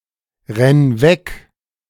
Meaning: singular imperative of wegrennen
- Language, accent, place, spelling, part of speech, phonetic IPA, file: German, Germany, Berlin, renn weg, verb, [ˌʁɛn ˈvɛk], De-renn weg.ogg